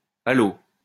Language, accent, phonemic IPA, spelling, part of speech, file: French, France, /a.lo/, allo, interjection, LL-Q150 (fra)-allo.wav
- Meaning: post-1990 spelling of allô